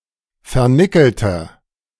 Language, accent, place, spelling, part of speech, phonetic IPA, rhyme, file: German, Germany, Berlin, vernickelter, adjective, [fɛɐ̯ˈnɪkl̩tɐ], -ɪkl̩tɐ, De-vernickelter.ogg
- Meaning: inflection of vernickelt: 1. strong/mixed nominative masculine singular 2. strong genitive/dative feminine singular 3. strong genitive plural